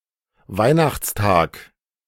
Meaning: 1. one of the Twelve Days of Christmas 2. Christmas Day
- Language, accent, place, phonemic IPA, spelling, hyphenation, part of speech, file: German, Germany, Berlin, /ˈvaɪ̯naxt͡sˌtaːk/, Weihnachtstag, Weih‧nachts‧tag, noun, De-Weihnachtstag.ogg